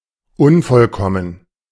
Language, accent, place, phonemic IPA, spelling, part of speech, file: German, Germany, Berlin, /ˈʊnfɔlˌkɔmən/, unvollkommen, adjective, De-unvollkommen.ogg
- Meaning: 1. imperfect 2. incomplete